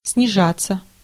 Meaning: 1. to go down, to descend 2. to drop, to fall 3. passive of снижа́ть (snižátʹ)
- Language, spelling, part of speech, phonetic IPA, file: Russian, снижаться, verb, [snʲɪˈʐat͡sːə], Ru-снижаться.ogg